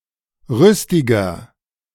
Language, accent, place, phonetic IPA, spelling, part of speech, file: German, Germany, Berlin, [ˈʁʏstɪɡɐ], rüstiger, adjective, De-rüstiger.ogg
- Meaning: 1. comparative degree of rüstig 2. inflection of rüstig: strong/mixed nominative masculine singular 3. inflection of rüstig: strong genitive/dative feminine singular